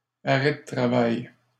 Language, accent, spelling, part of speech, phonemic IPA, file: French, Canada, arrêt de travail, noun, /a.ʁɛ də tʁa.vaj/, LL-Q150 (fra)-arrêt de travail.wav
- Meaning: a work stoppage (because of sickness, a strike, or an accident)